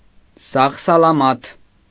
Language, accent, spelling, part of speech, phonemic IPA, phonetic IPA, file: Armenian, Eastern Armenian, սաղ-սալամաթ, adjective / adverb, /sɑʁ sɑlɑˈmɑtʰ/, [sɑʁ sɑlɑmɑ́tʰ], Hy-սաղ-սալամաթ.ogg
- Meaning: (adjective) unscathed, unhurt, harmless, unimpaired; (adverb) safely, safe and sound, soundly